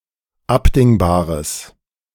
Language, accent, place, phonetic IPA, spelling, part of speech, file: German, Germany, Berlin, [ˈapdɪŋbaːʁəs], abdingbares, adjective, De-abdingbares.ogg
- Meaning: strong/mixed nominative/accusative neuter singular of abdingbar